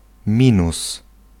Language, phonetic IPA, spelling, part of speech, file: Polish, [ˈmʲĩnus], minus, noun / conjunction / adjective, Pl-minus.ogg